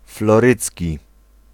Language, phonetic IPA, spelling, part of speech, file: Polish, [flɔˈrɨt͡sʲci], florydzki, adjective, Pl-florydzki.ogg